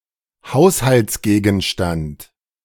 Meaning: household item(s) / object(s)
- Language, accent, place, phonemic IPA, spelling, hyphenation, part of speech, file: German, Germany, Berlin, /ˈhaʊ̯shalt͡sˌɡeːɡn̩ʃtant/, Haushaltsgegenstand, Haus‧halts‧ge‧gen‧stand, noun, De-Haushaltsgegenstand.ogg